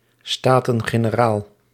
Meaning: States General: The bicameral parliament of the Kingdom of the Netherlands
- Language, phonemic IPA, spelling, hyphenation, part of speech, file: Dutch, /ˌstaː.tə(n).ɣeː.nəˈraːl/, Staten-Generaal, Sta‧ten-Ge‧ne‧raal, noun, Nl-Staten-Generaal.ogg